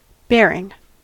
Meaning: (verb) present participle and gerund of bear; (adjective) 1. That bears (some specified thing) 2. Of a beam, column, or other device, carrying weight or load
- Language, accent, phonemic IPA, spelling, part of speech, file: English, US, /ˈbɛɹɪŋ/, bearing, verb / adjective / noun, En-us-bearing.ogg